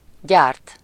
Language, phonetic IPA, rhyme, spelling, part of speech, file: Hungarian, [ˈɟaːrt], -aːrt, gyárt, verb, Hu-gyárt.ogg
- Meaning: to manufacture